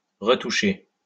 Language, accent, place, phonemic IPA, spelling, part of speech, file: French, France, Lyon, /ʁə.tu.ʃe/, retoucher, verb, LL-Q150 (fra)-retoucher.wav
- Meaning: 1. to retouch 2. to touch up, to put the finishing touches on